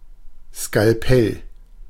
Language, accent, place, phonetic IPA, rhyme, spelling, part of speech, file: German, Germany, Berlin, [skalˈpɛl], -ɛl, Skalpell, noun, De-Skalpell.ogg
- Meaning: scalpel